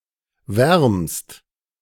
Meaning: second-person singular present of wärmen
- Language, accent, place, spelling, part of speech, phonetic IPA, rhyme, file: German, Germany, Berlin, wärmst, verb, [vɛʁmst], -ɛʁmst, De-wärmst.ogg